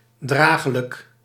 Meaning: bearable, tolerable
- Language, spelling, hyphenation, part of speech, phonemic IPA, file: Dutch, dragelijk, dra‧ge‧lijk, adjective, /ˈdraː.ɣə.lək/, Nl-dragelijk.ogg